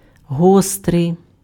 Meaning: 1. sharp 2. acute 3. keen 4. spicy, hot
- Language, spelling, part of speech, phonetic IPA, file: Ukrainian, гострий, adjective, [ˈɦɔstrei̯], Uk-гострий.ogg